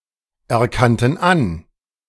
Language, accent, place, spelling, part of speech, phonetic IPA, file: German, Germany, Berlin, erkannten an, verb, [ɛɐ̯ˌkantn̩ ˈan], De-erkannten an.ogg
- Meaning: first/third-person plural preterite of anerkennen